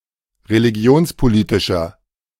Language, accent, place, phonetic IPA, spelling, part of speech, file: German, Germany, Berlin, [ʁeliˈɡi̯oːnspoˌliːtɪʃɐ], religionspolitischer, adjective, De-religionspolitischer.ogg
- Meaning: inflection of religionspolitisch: 1. strong/mixed nominative masculine singular 2. strong genitive/dative feminine singular 3. strong genitive plural